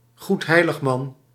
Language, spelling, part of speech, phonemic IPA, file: Dutch, goedheiligman, noun, /ɣutˈhɛiləxˌmɑn/, Nl-goedheiligman.ogg
- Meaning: Sinterklaas, Saint Nicholas